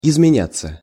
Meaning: 1. to change (intransitive) 2. passive of изменя́ть (izmenjátʹ)
- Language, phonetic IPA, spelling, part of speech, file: Russian, [ɪzmʲɪˈnʲat͡sːə], изменяться, verb, Ru-изменяться.ogg